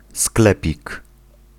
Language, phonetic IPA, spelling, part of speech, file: Polish, [ˈsklɛpʲik], sklepik, noun, Pl-sklepik.ogg